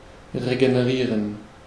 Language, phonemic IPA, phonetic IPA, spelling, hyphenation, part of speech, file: German, /ʁeɡenəˈʁiːʁən/, [ʁeɡenəˈʁiːɐ̯n], regenerieren, re‧ge‧ne‧rie‧ren, verb, De-regenerieren.ogg
- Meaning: 1. to regenerate (to construct or create anew, especially in an improved manner) 2. to recover (to get better, regain health)